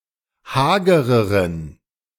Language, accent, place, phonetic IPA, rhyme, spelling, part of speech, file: German, Germany, Berlin, [ˈhaːɡəʁəʁən], -aːɡəʁəʁən, hagereren, adjective, De-hagereren.ogg
- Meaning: inflection of hager: 1. strong genitive masculine/neuter singular comparative degree 2. weak/mixed genitive/dative all-gender singular comparative degree